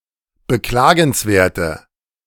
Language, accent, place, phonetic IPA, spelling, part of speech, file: German, Germany, Berlin, [bəˈklaːɡn̩sˌveːɐ̯tə], beklagenswerte, adjective, De-beklagenswerte.ogg
- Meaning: inflection of beklagenswert: 1. strong/mixed nominative/accusative feminine singular 2. strong nominative/accusative plural 3. weak nominative all-gender singular